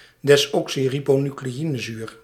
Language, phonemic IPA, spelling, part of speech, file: Dutch, /dɛs.ɔk.si.ri.boː.ny.kleː.i.nə.zyːr/, desoxyribonucleïnezuur, noun, Nl-desoxyribonucleïnezuur.ogg
- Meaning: deoxyribonucleic acid